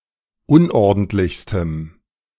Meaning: strong dative masculine/neuter singular superlative degree of unordentlich
- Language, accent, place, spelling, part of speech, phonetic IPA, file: German, Germany, Berlin, unordentlichstem, adjective, [ˈʊnʔɔʁdn̩tlɪçstəm], De-unordentlichstem.ogg